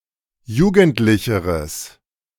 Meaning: strong/mixed nominative/accusative neuter singular comparative degree of jugendlich
- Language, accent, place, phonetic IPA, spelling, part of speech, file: German, Germany, Berlin, [ˈjuːɡn̩tlɪçəʁəs], jugendlicheres, adjective, De-jugendlicheres.ogg